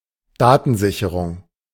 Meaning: 1. backup (the act of making a backup copy) 2. backup (the result of making a backup copy)
- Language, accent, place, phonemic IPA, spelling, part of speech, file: German, Germany, Berlin, /ˈdaːtənˌzɪçəʁʊŋ/, Datensicherung, noun, De-Datensicherung.ogg